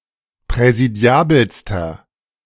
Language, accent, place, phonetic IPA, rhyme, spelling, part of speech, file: German, Germany, Berlin, [pʁɛziˈdi̯aːbl̩stɐ], -aːbl̩stɐ, präsidiabelster, adjective, De-präsidiabelster.ogg
- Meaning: inflection of präsidiabel: 1. strong/mixed nominative masculine singular superlative degree 2. strong genitive/dative feminine singular superlative degree 3. strong genitive plural superlative degree